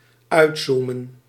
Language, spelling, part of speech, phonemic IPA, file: Dutch, uitzoomen, verb, /ˈœytsumə(n)/, Nl-uitzoomen.ogg
- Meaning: to zoom out